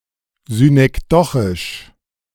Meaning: synecdochic
- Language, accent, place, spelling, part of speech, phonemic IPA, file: German, Germany, Berlin, synekdochisch, adjective, /zynʔɛkˈdɔχɪʃ/, De-synekdochisch.ogg